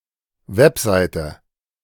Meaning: 1. web page 2. web site
- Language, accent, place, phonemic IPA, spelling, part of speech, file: German, Germany, Berlin, /ˈvɛpˌzaɪ̯tə/, Webseite, noun, De-Webseite.ogg